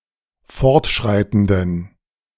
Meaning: inflection of fortschreitend: 1. strong genitive masculine/neuter singular 2. weak/mixed genitive/dative all-gender singular 3. strong/weak/mixed accusative masculine singular 4. strong dative plural
- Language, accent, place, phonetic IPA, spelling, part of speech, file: German, Germany, Berlin, [ˈfɔʁtˌʃʁaɪ̯tn̩dən], fortschreitenden, adjective, De-fortschreitenden.ogg